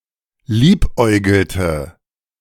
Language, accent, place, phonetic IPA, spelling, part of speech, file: German, Germany, Berlin, [ˈliːpˌʔɔɪ̯ɡl̩tə], liebäugelte, verb, De-liebäugelte.ogg
- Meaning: inflection of liebäugeln: 1. first/third-person singular preterite 2. first/third-person singular subjunctive II